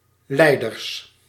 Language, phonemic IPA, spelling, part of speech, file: Dutch, /ˈlɛidərs/, leiders, noun, Nl-leiders.ogg
- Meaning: plural of leider